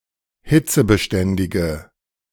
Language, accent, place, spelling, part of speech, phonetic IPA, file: German, Germany, Berlin, hitzebeständige, adjective, [ˈhɪt͡səbəˌʃtɛndɪɡə], De-hitzebeständige.ogg
- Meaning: inflection of hitzebeständig: 1. strong/mixed nominative/accusative feminine singular 2. strong nominative/accusative plural 3. weak nominative all-gender singular